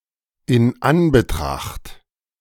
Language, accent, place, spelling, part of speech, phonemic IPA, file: German, Germany, Berlin, in Anbetracht, preposition, /ɪn ˈanbəˌtʁaxt/, De-in Anbetracht.ogg
- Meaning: considering, taking into account, with X in mind, in light of